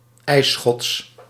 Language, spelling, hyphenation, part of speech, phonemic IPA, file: Dutch, ijsschots, ijs‧schots, noun, /ˈɛi̯sxɔts/, Nl-ijsschots.ogg
- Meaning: ice floe